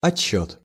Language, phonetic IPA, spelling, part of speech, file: Russian, [ɐt͡ɕˈɕːɵt], отсчёт, noun, Ru-отсчёт.ogg
- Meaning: count, counting